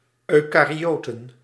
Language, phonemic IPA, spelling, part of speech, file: Dutch, /œykɑriotən/, eukaryoten, noun, Nl-eukaryoten.ogg
- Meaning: plural of eukaryoot